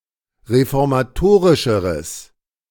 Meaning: strong/mixed nominative/accusative neuter singular comparative degree of reformatorisch
- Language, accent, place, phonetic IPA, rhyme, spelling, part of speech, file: German, Germany, Berlin, [ʁefɔʁmaˈtoːʁɪʃəʁəs], -oːʁɪʃəʁəs, reformatorischeres, adjective, De-reformatorischeres.ogg